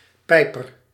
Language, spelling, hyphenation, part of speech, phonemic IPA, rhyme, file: Dutch, pijper, pij‧per, noun, /ˈpɛi̯.pər/, -ɛi̯pər, Nl-pijper.ogg
- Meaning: 1. a piper, a flautist 2. someone who performs fellatio